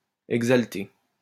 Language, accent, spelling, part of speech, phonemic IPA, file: French, France, exalter, verb, /ɛɡ.zal.te/, LL-Q150 (fra)-exalter.wav
- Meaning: 1. to elate, thrill 2. to be elated